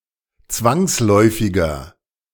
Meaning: inflection of zwangsläufig: 1. strong/mixed nominative masculine singular 2. strong genitive/dative feminine singular 3. strong genitive plural
- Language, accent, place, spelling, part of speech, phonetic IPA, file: German, Germany, Berlin, zwangsläufiger, adjective, [ˈt͡svaŋsˌlɔɪ̯fɪɡɐ], De-zwangsläufiger.ogg